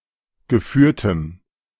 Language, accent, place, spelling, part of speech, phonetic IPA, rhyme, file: German, Germany, Berlin, geführtem, adjective, [ɡəˈfyːɐ̯təm], -yːɐ̯təm, De-geführtem.ogg
- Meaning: strong dative masculine/neuter singular of geführt